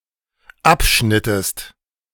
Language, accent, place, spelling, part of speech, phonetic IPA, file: German, Germany, Berlin, abschnittest, verb, [ˈapˌʃnɪtəst], De-abschnittest.ogg
- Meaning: inflection of abschneiden: 1. second-person singular dependent preterite 2. second-person singular dependent subjunctive II